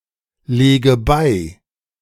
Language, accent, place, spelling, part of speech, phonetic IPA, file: German, Germany, Berlin, lege bei, verb, [ˌleːɡə ˈbaɪ̯], De-lege bei.ogg
- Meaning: inflection of beilegen: 1. first-person singular present 2. first/third-person singular subjunctive I 3. singular imperative